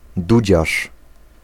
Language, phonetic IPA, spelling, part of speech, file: Polish, [ˈdud͡ʑaʃ], dudziarz, noun, Pl-dudziarz.ogg